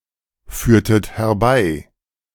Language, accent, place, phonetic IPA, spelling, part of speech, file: German, Germany, Berlin, [ˌfyːɐ̯tət hɛɐ̯ˈbaɪ̯], führtet herbei, verb, De-führtet herbei.ogg
- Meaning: inflection of herbeiführen: 1. second-person plural preterite 2. second-person plural subjunctive II